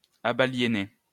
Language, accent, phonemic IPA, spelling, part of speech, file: French, France, /a.ba.lje.ne/, abaliénés, verb, LL-Q150 (fra)-abaliénés.wav
- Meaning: masculine plural of abaliéné